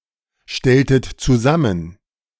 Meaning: inflection of zusammenstellen: 1. second-person plural preterite 2. second-person plural subjunctive II
- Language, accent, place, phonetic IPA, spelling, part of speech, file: German, Germany, Berlin, [ˌʃtɛltət t͡suˈzamən], stelltet zusammen, verb, De-stelltet zusammen.ogg